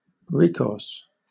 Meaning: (noun) 1. The act of seeking assistance or advice 2. The use of (someone or something) as a source of help in a difficult situation
- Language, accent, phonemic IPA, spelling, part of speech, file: English, Southern England, /ɹɪˈkɔːs/, recourse, noun / verb, LL-Q1860 (eng)-recourse.wav